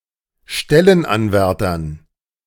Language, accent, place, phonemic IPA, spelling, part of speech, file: German, Germany, Berlin, /ˈʃtɛlənˌanvɛʁtɐs/, Stellenanwärters, noun, De-Stellenanwärters.ogg
- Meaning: genitive singular of Stellenanwärter